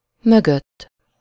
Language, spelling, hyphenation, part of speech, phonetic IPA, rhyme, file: Hungarian, mögött, mö‧gött, postposition, [ˈmøɡøtː], -øtː, Hu-mögött.ogg
- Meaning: behind